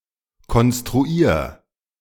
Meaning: 1. singular imperative of konstruieren 2. first-person singular present of konstruieren
- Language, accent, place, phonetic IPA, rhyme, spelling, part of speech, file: German, Germany, Berlin, [kɔnstʁuˈiːɐ̯], -iːɐ̯, konstruier, verb, De-konstruier.ogg